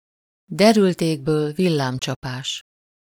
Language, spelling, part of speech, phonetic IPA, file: Hungarian, derült égből villámcsapás, phrase, [ˈdɛrylt ˈeːɡbøːl ˈvilːaːmt͡ʃɒpaːʃ], Hu-derült égből villámcsapás.ogg
- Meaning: bolt from the blue (a complete surprise; an unexpected misfortune, an unforeseen difficulty)